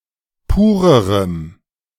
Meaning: strong dative masculine/neuter singular comparative degree of pur
- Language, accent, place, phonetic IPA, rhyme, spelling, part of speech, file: German, Germany, Berlin, [ˈpuːʁəʁəm], -uːʁəʁəm, purerem, adjective, De-purerem.ogg